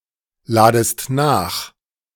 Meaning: second-person singular subjunctive I of nachladen
- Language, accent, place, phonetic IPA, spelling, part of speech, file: German, Germany, Berlin, [ˌlaːdəst ˈnaːx], ladest nach, verb, De-ladest nach.ogg